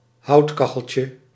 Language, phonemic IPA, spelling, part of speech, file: Dutch, /ˈhɑutkɑxəlcə/, houtkacheltje, noun, Nl-houtkacheltje.ogg
- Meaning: diminutive of houtkachel